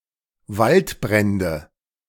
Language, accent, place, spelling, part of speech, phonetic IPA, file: German, Germany, Berlin, Waldbrände, noun, [ˈvaltˌbʁɛndə], De-Waldbrände.ogg
- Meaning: nominative/accusative/genitive plural of Waldbrand